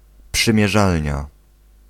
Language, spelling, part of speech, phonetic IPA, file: Polish, przymierzalnia, noun, [ˌpʃɨ̃mʲjɛˈʒalʲɲa], Pl-przymierzalnia.ogg